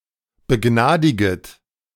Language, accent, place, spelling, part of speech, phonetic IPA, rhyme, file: German, Germany, Berlin, begnadiget, verb, [bəˈɡnaːdɪɡət], -aːdɪɡət, De-begnadiget.ogg
- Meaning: second-person plural subjunctive I of begnadigen